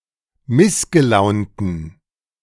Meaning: inflection of missgelaunt: 1. strong genitive masculine/neuter singular 2. weak/mixed genitive/dative all-gender singular 3. strong/weak/mixed accusative masculine singular 4. strong dative plural
- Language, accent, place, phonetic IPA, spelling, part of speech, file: German, Germany, Berlin, [ˈmɪsɡəˌlaʊ̯ntn̩], missgelaunten, adjective, De-missgelaunten.ogg